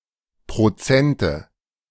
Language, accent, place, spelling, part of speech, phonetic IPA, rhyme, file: German, Germany, Berlin, Prozente, noun, [pʁoˈt͡sɛntə], -ɛntə, De-Prozente.ogg
- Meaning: nominative/accusative/genitive plural of Prozent